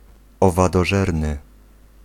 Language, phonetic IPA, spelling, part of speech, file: Polish, [ˌɔvadɔˈʒɛrnɨ], owadożerny, adjective, Pl-owadożerny.ogg